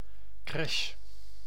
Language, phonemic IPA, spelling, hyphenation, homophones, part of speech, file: Dutch, /krɛʃ/, crèche, crè‧che, crash, noun, Nl-crèche.ogg